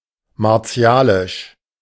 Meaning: martial, menacing
- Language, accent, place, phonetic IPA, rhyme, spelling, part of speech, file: German, Germany, Berlin, [maʁˈt͡si̯aːlɪʃ], -aːlɪʃ, martialisch, adjective, De-martialisch.ogg